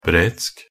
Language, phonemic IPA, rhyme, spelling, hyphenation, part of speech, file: Norwegian Bokmål, /brɛtsk/, -ɛtsk, bretsk, bretsk, adjective, Nb-bretsk.ogg
- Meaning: 1. Welsh (of or pertaining to Wales) 2. Breton (of or pertaining to Brittany)